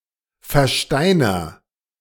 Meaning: inflection of versteinern: 1. first-person singular present 2. singular imperative
- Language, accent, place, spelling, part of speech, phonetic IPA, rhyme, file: German, Germany, Berlin, versteiner, verb, [fɛɐ̯ˈʃtaɪ̯nɐ], -aɪ̯nɐ, De-versteiner.ogg